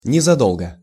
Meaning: shortly before; not long (before); a short time previously
- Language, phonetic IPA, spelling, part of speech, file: Russian, [nʲɪzɐˈdoɫɡə], незадолго, adverb, Ru-незадолго.ogg